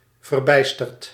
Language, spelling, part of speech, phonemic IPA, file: Dutch, verbijsterd, verb / adjective / adverb, /vərˈbɛistərt/, Nl-verbijsterd.ogg
- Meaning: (adjective) bewildered, astonished; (verb) past participle of verbijsteren